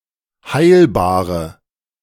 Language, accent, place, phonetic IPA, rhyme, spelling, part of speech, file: German, Germany, Berlin, [ˈhaɪ̯lbaːʁə], -aɪ̯lbaːʁə, heilbare, adjective, De-heilbare.ogg
- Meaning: inflection of heilbar: 1. strong/mixed nominative/accusative feminine singular 2. strong nominative/accusative plural 3. weak nominative all-gender singular 4. weak accusative feminine/neuter singular